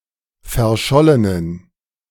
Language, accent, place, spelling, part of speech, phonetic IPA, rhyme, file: German, Germany, Berlin, verschollenen, adjective, [fɛɐ̯ˈʃɔlənən], -ɔlənən, De-verschollenen.ogg
- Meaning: inflection of verschollen: 1. strong genitive masculine/neuter singular 2. weak/mixed genitive/dative all-gender singular 3. strong/weak/mixed accusative masculine singular 4. strong dative plural